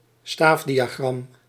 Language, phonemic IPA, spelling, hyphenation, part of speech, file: Dutch, /ˈstaːf.di.aːˌɣrɑm/, staafdiagram, staaf‧di‧a‧gram, noun, Nl-staafdiagram.ogg
- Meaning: a bar chart